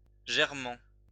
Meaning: present participle of germer
- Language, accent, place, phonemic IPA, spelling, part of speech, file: French, France, Lyon, /ʒɛʁ.mɑ̃/, germant, verb, LL-Q150 (fra)-germant.wav